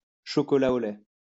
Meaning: 1. milk chocolate 2. chocolate milk
- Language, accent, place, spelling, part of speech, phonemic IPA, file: French, France, Lyon, chocolat au lait, noun, /ʃɔ.kɔ.la o lɛ/, LL-Q150 (fra)-chocolat au lait.wav